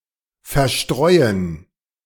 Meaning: 1. to scatter 2. to disperse
- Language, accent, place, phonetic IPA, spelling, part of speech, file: German, Germany, Berlin, [fɛɐ̯ˈʃtʁɔʏ̯ən], verstreuen, verb, De-verstreuen.ogg